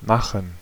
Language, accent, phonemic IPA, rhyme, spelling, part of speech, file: German, Germany, /ˈmaxən/, -axən, machen, verb, De-machen.ogg
- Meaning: 1. to make, to produce, to create (an object, arrangement, situation, etc.) 2. to make, prepare (food, drinks, etc.) 3. to do, perform, carry out (an action) (to execute; to put into operation)